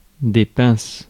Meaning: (verb) second-person singular present indicative/subjunctive of pincer; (noun) plural of pince
- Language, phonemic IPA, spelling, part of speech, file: French, /pɛ̃s/, pinces, verb / noun, Fr-pinces.ogg